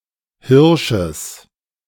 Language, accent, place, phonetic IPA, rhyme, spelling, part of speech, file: German, Germany, Berlin, [ˈhɪʁʃəs], -ɪʁʃəs, Hirsches, noun, De-Hirsches.ogg
- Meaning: genitive singular of Hirsch